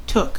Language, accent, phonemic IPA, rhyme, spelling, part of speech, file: English, US, /tʊk/, -ʊk, took, verb, En-us-took.ogg
- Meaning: 1. simple past of take 2. past participle of take